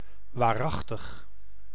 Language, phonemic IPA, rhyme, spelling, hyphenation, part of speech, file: Dutch, /ˌʋaːˈrɑx.təx/, -ɑxtəx, waarachtig, waar‧ach‧tig, adjective / adverb / interjection, Nl-waarachtig.ogg
- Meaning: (adjective) 1. true, genuine, real 2. sincere, reliable; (adverb) verily, really; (interjection) 1. verily, truly 2. holy smokes, bugger me backwards